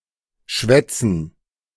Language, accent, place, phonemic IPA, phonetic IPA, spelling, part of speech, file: German, Germany, Berlin, /ˈʃvɛtsən/, [ˈʃʋɛ.t͡sn̩], schwätzen, verb, De-schwätzen.ogg
- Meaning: 1. to chat, talk, babble, prate 2. to speak, talk